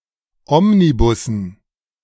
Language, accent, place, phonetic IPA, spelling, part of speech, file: German, Germany, Berlin, [ˈɔmniˌbʊsn̩], Omnibussen, noun, De-Omnibussen.ogg
- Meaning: dative plural of Omnibus